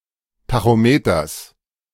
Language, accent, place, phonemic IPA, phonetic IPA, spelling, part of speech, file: German, Germany, Berlin, /ˌtaxoˈmeːtɐs/, [ˌtʰaxoˈmeːtʰɐs], Tachometers, noun, De-Tachometers.ogg
- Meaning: genitive singular of Tachometer